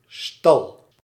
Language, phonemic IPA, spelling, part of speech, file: Dutch, /stɑl/, stal, noun / verb, Nl-stal.ogg